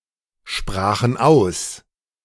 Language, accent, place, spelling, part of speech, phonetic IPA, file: German, Germany, Berlin, sprachen aus, verb, [ˌʃpʁaːxn̩ ˈaʊ̯s], De-sprachen aus.ogg
- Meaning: first/third-person plural preterite of aussprechen